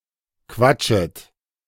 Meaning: second-person plural subjunctive I of quatschen
- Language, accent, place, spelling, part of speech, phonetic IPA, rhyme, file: German, Germany, Berlin, quatschet, verb, [ˈkvat͡ʃət], -at͡ʃət, De-quatschet.ogg